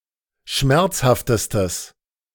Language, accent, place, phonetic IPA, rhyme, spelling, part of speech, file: German, Germany, Berlin, [ˈʃmɛʁt͡shaftəstəs], -ɛʁt͡shaftəstəs, schmerzhaftestes, adjective, De-schmerzhaftestes.ogg
- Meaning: strong/mixed nominative/accusative neuter singular superlative degree of schmerzhaft